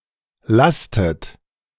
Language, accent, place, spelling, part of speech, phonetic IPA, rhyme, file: German, Germany, Berlin, lastet, verb, [ˈlastət], -astət, De-lastet.ogg
- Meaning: inflection of lasten: 1. second-person plural present 2. second-person plural subjunctive I 3. third-person singular present 4. plural imperative